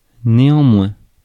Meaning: 1. however 2. nevertheless, nonetheless
- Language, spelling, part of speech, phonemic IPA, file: French, néanmoins, adverb, /ne.ɑ̃.mwɛ̃/, Fr-néanmoins.ogg